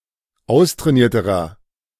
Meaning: inflection of austrainiert: 1. strong/mixed nominative masculine singular comparative degree 2. strong genitive/dative feminine singular comparative degree 3. strong genitive plural comparative degree
- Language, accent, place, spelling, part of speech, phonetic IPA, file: German, Germany, Berlin, austrainierterer, adjective, [ˈaʊ̯stʁɛːˌniːɐ̯təʁɐ], De-austrainierterer.ogg